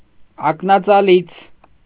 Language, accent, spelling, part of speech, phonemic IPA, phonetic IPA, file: Armenian, Eastern Armenian, ակնածալից, adjective, /ɑknɑt͡sɑˈlit͡sʰ/, [ɑknɑt͡sɑlít͡sʰ], Hy-ակնածալից.ogg
- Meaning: alternative form of ակնածալի (aknacali)